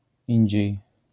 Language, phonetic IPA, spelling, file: Polish, [ˈĩɲd͡ʑɛ̇j], indziej, LL-Q809 (pol)-indziej.wav